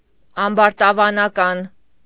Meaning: of or related to being arrogant, bigheaded, conceited
- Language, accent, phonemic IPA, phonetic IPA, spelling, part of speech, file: Armenian, Eastern Armenian, /ɑmbɑɾtɑvɑnɑˈkɑn/, [ɑmbɑɾtɑvɑnɑkɑ́n], ամբարտավանական, adjective, Hy-ամբարտավանական.ogg